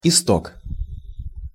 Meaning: 1. source (of a river) 2. origins
- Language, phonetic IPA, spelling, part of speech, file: Russian, [ɪˈstok], исток, noun, Ru-исток.ogg